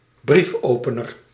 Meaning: letter opener (knifelike device)
- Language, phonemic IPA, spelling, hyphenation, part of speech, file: Dutch, /ˈbrifˌoːpənər/, briefopener, brief‧ope‧ner, noun, Nl-briefopener.ogg